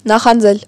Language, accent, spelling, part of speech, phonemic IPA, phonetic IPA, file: Armenian, Eastern Armenian, նախանձել, verb, /nɑχɑnˈd͡zel/, [nɑχɑnd͡zél], Hy-նախանձել.ogg
- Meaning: to envy, be envious (of), be jealous (of)